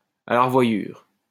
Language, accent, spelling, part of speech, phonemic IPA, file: French, France, à la revoyure, interjection, /a la ʁə.vwa.jyʁ/, LL-Q150 (fra)-à la revoyure.wav
- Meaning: goodbye